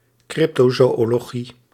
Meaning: cryptozoology
- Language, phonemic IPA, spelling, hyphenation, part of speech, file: Dutch, /ˈkrɪp.toː.zoː.oː.loːˌɣi/, cryptozoölogie, cryp‧to‧zoö‧lo‧gie, noun, Nl-cryptozoölogie.ogg